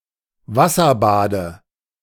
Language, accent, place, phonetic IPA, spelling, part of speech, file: German, Germany, Berlin, [ˈvasɐˌbaːdə], Wasserbade, noun, De-Wasserbade.ogg
- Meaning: dative of Wasserbad